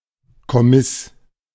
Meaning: military service
- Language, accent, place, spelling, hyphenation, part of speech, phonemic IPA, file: German, Germany, Berlin, Kommiss, Kom‧miss, noun, /kɔˈmɪs/, De-Kommiss.ogg